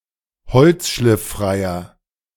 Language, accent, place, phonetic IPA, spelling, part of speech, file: German, Germany, Berlin, [ˈhɔlt͡sʃlɪfˌfʁaɪ̯ɐ], holzschlifffreier, adjective, De-holzschlifffreier.ogg
- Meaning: inflection of holzschlifffrei: 1. strong/mixed nominative masculine singular 2. strong genitive/dative feminine singular 3. strong genitive plural